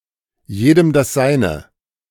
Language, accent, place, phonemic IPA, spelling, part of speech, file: German, Germany, Berlin, /ˈjeːdəm das ˈzaɪ̯nə/, jedem das Seine, proverb, De-jedem das Seine.ogg
- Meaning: 1. to each his own; each person gets what he deserves 2. to each his own; each person is entitled to his or her personal preferences and tastes